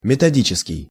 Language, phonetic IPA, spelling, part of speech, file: Russian, [mʲɪtɐˈdʲit͡ɕɪskʲɪj], методический, adjective, Ru-методический.ogg
- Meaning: 1. methodical 2. systematic